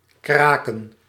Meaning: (verb) 1. to crack, break open (a shell) 2. to make a creaky sound, like something being cracked 3. to break up into (chemical) components 4. to break someone mentally 5. to solve a code
- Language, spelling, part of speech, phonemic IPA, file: Dutch, kraken, verb / noun, /ˈkraːkə(n)/, Nl-kraken.ogg